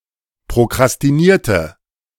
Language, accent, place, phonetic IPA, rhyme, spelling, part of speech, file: German, Germany, Berlin, [pʁokʁastiˈniːɐ̯tə], -iːɐ̯tə, prokrastinierte, verb, De-prokrastinierte.ogg
- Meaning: inflection of prokrastinieren: 1. first/third-person singular preterite 2. first/third-person singular subjunctive II